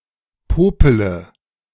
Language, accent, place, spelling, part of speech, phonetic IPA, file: German, Germany, Berlin, popele, verb, [ˈpoːpələ], De-popele.ogg
- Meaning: inflection of popeln: 1. first-person singular present 2. first/third-person singular subjunctive I 3. singular imperative